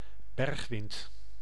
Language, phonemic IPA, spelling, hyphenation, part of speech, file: Dutch, /ˈbɛrx.ʋɪnt/, bergwind, berg‧wind, noun, Nl-bergwind.ogg
- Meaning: a mountainous wind